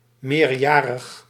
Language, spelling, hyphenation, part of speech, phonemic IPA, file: Dutch, meerjarig, meer‧ja‧rig, adjective, /ˌmeːrˈjaː.rəx/, Nl-meerjarig.ogg
- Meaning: 1. perennial (lasting actively throughout the year, or all the time) 2. perennial (having a life cycle of more than two years)